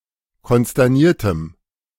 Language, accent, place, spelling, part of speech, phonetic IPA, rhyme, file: German, Germany, Berlin, konsterniertem, adjective, [kɔnstɛʁˈniːɐ̯təm], -iːɐ̯təm, De-konsterniertem.ogg
- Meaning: strong dative masculine/neuter singular of konsterniert